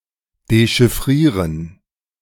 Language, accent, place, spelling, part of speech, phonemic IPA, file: German, Germany, Berlin, dechiffrieren, verb, /deʃɪfˈʁiːʁən/, De-dechiffrieren.ogg
- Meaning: to decipher (to decode or decrypt a code or cipher)